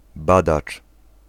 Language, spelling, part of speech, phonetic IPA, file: Polish, badacz, noun, [ˈbadat͡ʃ], Pl-badacz.ogg